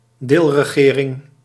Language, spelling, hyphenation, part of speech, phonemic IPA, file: Dutch, deelregering, deel‧re‧ge‧ring, noun, /ˈdeːl.rəˌɣeː.rɪŋ/, Nl-deelregering.ogg
- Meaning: a regional government, a government operating at a subnational level